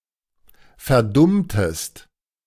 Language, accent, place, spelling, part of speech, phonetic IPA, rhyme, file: German, Germany, Berlin, verdummtest, verb, [fɛɐ̯ˈdʊmtəst], -ʊmtəst, De-verdummtest.ogg
- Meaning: inflection of verdummen: 1. second-person singular preterite 2. second-person singular subjunctive II